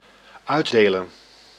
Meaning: 1. to deal out, to distribute, to share 2. to divide out
- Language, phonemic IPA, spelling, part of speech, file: Dutch, /ˈœy̯ˌdeːlə(n)/, uitdelen, verb, Nl-uitdelen.ogg